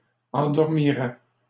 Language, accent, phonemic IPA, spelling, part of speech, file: French, Canada, /ɑ̃.dɔʁ.mi.ʁɛ/, endormirait, verb, LL-Q150 (fra)-endormirait.wav
- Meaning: third-person singular conditional of endormir